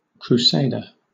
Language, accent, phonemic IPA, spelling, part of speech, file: English, Southern England, /kɹuːˈseɪdə/, crusader, noun, LL-Q1860 (eng)-crusader.wav
- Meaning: 1. A fighter or participant in the medieval Crusades 2. A person engaged in a crusade 3. An American, especially a soldier or leader who wages war against Islamist militants